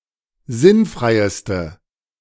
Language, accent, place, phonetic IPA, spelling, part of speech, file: German, Germany, Berlin, [ˈzɪnˌfʁaɪ̯stə], sinnfreiste, adjective, De-sinnfreiste.ogg
- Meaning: inflection of sinnfrei: 1. strong/mixed nominative/accusative feminine singular superlative degree 2. strong nominative/accusative plural superlative degree